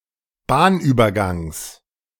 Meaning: genitive singular of Bahnübergang
- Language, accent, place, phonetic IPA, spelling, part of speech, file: German, Germany, Berlin, [ˈbaːnʔyːbɐˌɡaŋs], Bahnübergangs, noun, De-Bahnübergangs.ogg